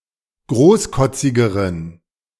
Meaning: inflection of großkotzig: 1. strong genitive masculine/neuter singular comparative degree 2. weak/mixed genitive/dative all-gender singular comparative degree
- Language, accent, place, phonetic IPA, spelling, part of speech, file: German, Germany, Berlin, [ˈɡʁoːsˌkɔt͡sɪɡəʁən], großkotzigeren, adjective, De-großkotzigeren.ogg